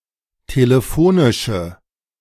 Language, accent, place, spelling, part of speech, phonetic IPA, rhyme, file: German, Germany, Berlin, telefonische, adjective, [teləˈfoːnɪʃə], -oːnɪʃə, De-telefonische.ogg
- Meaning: inflection of telefonisch: 1. strong/mixed nominative/accusative feminine singular 2. strong nominative/accusative plural 3. weak nominative all-gender singular